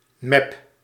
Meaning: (noun) slap, smack, blow; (verb) inflection of meppen: 1. first-person singular present indicative 2. second-person singular present indicative 3. imperative
- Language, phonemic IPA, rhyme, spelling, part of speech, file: Dutch, /mɛp/, -ɛp, mep, noun / verb, Nl-mep.ogg